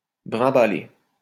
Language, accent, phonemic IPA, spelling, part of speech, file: French, France, /bʁɛ̃.ba.le/, brimbaler, verb, LL-Q150 (fra)-brimbaler.wav
- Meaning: alternative form of bringuebaler